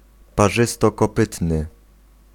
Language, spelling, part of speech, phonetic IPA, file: Polish, parzystokopytny, adjective, [paˈʒɨstɔkɔˈpɨtnɨ], Pl-parzystokopytny.ogg